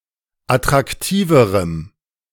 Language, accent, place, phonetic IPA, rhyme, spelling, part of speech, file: German, Germany, Berlin, [atʁakˈtiːvəʁəm], -iːvəʁəm, attraktiverem, adjective, De-attraktiverem.ogg
- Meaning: strong dative masculine/neuter singular comparative degree of attraktiv